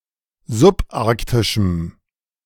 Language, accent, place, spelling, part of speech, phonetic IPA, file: German, Germany, Berlin, subarktischem, adjective, [zʊpˈʔaʁktɪʃm̩], De-subarktischem.ogg
- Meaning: strong dative masculine/neuter singular of subarktisch